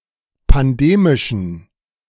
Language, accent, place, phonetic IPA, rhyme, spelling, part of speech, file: German, Germany, Berlin, [panˈdeːmɪʃn̩], -eːmɪʃn̩, pandemischen, adjective, De-pandemischen.ogg
- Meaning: inflection of pandemisch: 1. strong genitive masculine/neuter singular 2. weak/mixed genitive/dative all-gender singular 3. strong/weak/mixed accusative masculine singular 4. strong dative plural